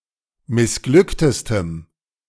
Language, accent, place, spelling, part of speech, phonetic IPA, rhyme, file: German, Germany, Berlin, missglücktestem, adjective, [mɪsˈɡlʏktəstəm], -ʏktəstəm, De-missglücktestem.ogg
- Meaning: strong dative masculine/neuter singular superlative degree of missglückt